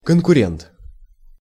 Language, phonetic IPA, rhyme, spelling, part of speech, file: Russian, [kənkʊˈrʲent], -ent, конкурент, noun, Ru-конкурент.ogg
- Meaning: competitor, rival (person against whom one is competing)